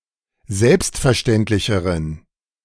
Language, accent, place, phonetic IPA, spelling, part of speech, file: German, Germany, Berlin, [ˈzɛlpstfɛɐ̯ˌʃtɛntlɪçəʁən], selbstverständlicheren, adjective, De-selbstverständlicheren.ogg
- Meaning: inflection of selbstverständlich: 1. strong genitive masculine/neuter singular comparative degree 2. weak/mixed genitive/dative all-gender singular comparative degree